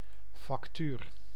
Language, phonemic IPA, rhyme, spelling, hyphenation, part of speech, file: Dutch, /fɑkˈtyːr/, -yr, factuur, fac‧tuur, noun, Nl-factuur.ogg
- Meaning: invoice